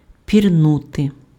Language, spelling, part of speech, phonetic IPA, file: Ukrainian, пірнути, verb, [pʲirˈnute], Uk-пірнути.ogg
- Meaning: to dive, to duck